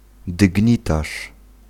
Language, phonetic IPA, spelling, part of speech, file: Polish, [dɨɟˈɲitaʃ], dygnitarz, noun, Pl-dygnitarz.ogg